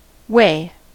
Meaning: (verb) 1. To determine the weight of an object 2. Often with "out", to measure a certain amount of something by its weight, e.g. for sale
- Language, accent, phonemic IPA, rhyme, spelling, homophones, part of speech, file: English, US, /weɪ/, -eɪ, weigh, way / Wei / wey, verb / noun, En-us-weigh.ogg